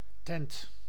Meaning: 1. tent (for camping, special occasions, etc.) 2. pavillion 3. a building, especially one used for commercial purposes; a joint
- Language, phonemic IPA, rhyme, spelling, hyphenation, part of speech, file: Dutch, /tɛnt/, -ɛnt, tent, tent, noun, Nl-tent.ogg